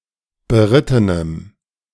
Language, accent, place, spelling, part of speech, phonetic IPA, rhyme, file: German, Germany, Berlin, berittenem, adjective, [bəˈʁɪtənəm], -ɪtənəm, De-berittenem.ogg
- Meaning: strong dative masculine/neuter singular of beritten